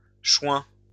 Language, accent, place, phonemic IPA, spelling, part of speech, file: French, France, Lyon, /ʃwɛ̃/, choin, noun, LL-Q150 (fra)-choin.wav
- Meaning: bogrush, particularly the black bogrush (Schoenus nigricans)